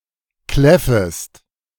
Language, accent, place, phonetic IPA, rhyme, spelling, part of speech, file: German, Germany, Berlin, [ˈklɛfəst], -ɛfəst, kläffest, verb, De-kläffest.ogg
- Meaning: second-person singular subjunctive I of kläffen